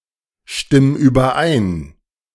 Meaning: 1. singular imperative of übereinstimmen 2. first-person singular present of übereinstimmen
- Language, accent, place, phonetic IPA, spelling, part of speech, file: German, Germany, Berlin, [ˌʃtɪm yːbɐˈʔaɪ̯n], stimm überein, verb, De-stimm überein.ogg